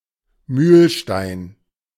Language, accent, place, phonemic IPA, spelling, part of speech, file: German, Germany, Berlin, /ˈmyːlʃtaɪ̯n/, Mühlstein, noun, De-Mühlstein.ogg
- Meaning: millstone, mill-stone